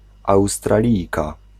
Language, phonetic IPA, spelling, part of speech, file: Polish, [ˌawstraˈlʲijka], Australijka, noun, Pl-Australijka.ogg